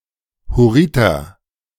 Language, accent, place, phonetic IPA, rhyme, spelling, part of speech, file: German, Germany, Berlin, [hʊˈʁɪtɐ], -ɪtɐ, Hurriter, noun, De-Hurriter.ogg
- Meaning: Hurrian (male member of the Hurrian people)